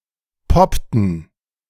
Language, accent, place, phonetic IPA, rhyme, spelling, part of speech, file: German, Germany, Berlin, [ˈpɔptn̩], -ɔptn̩, poppten, verb, De-poppten.ogg
- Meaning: inflection of poppen: 1. first/third-person plural preterite 2. first/third-person plural subjunctive II